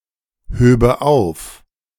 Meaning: first/third-person singular subjunctive II of aufheben
- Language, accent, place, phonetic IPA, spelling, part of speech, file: German, Germany, Berlin, [ˌhøːbə ˈaʊ̯f], höbe auf, verb, De-höbe auf.ogg